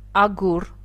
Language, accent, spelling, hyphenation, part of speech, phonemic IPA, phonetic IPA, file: Armenian, Eastern Armenian, ագուռ, ա‧գուռ, noun, /ɑˈɡur/, [ɑɡúr], Hy-ագուռ.ogg
- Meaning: 1. brick 2. diamond